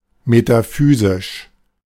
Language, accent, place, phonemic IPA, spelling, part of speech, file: German, Germany, Berlin, /metaˈfyːziʃ/, metaphysisch, adjective, De-metaphysisch.ogg
- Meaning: metaphysical